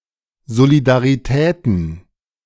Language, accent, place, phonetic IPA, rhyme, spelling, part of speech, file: German, Germany, Berlin, [ˌzolidaʁiˈtɛːtn̩], -ɛːtn̩, Solidaritäten, noun, De-Solidaritäten.ogg
- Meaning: plural of Solidarität